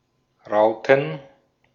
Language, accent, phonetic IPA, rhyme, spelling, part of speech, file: German, Austria, [ˈʁaʊ̯tn̩], -aʊ̯tn̩, Rauten, noun, De-at-Rauten.ogg
- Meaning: plural of Raute